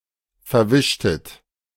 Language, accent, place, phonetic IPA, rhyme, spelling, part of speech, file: German, Germany, Berlin, [fɛɐ̯ˈvɪʃtət], -ɪʃtət, verwischtet, verb, De-verwischtet.ogg
- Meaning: inflection of verwischen: 1. second-person plural preterite 2. second-person plural subjunctive II